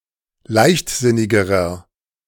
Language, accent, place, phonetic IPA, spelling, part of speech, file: German, Germany, Berlin, [ˈlaɪ̯çtˌzɪnɪɡəʁɐ], leichtsinnigerer, adjective, De-leichtsinnigerer.ogg
- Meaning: inflection of leichtsinnig: 1. strong/mixed nominative masculine singular comparative degree 2. strong genitive/dative feminine singular comparative degree 3. strong genitive plural comparative degree